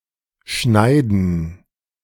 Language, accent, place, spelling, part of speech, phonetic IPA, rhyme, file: German, Germany, Berlin, Schneiden, noun, [ˈʃnaɪ̯dn̩], -aɪ̯dn̩, De-Schneiden.ogg
- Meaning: 1. gerund of schneiden 2. plural of Schneide